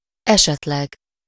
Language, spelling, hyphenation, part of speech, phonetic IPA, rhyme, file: Hungarian, esetleg, eset‧leg, adverb, [ˈɛʃɛtlɛɡ], -ɛɡ, Hu-esetleg.ogg
- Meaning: maybe, perchance, roughly, with a verb happen to